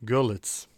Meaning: 1. Görlitz (a town and rural district of Saxony, Germany) 2. Zgorzelec (a town in Lower Silesian Voivodeship, Poland)
- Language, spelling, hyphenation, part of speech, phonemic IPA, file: German, Görlitz, Gör‧litz, proper noun, /ˈɡœʁlɪts/, De-Görlitz.ogg